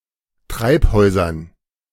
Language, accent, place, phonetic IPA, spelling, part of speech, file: German, Germany, Berlin, [ˈtʁaɪ̯pˌhɔɪ̯zɐn], Treibhäusern, noun, De-Treibhäusern.ogg
- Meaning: dative plural of Treibhaus